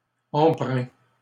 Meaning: inflection of empreindre: 1. first/second-person singular present indicative 2. second-person singular imperative
- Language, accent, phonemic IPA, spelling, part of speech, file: French, Canada, /ɑ̃.pʁɛ̃/, empreins, verb, LL-Q150 (fra)-empreins.wav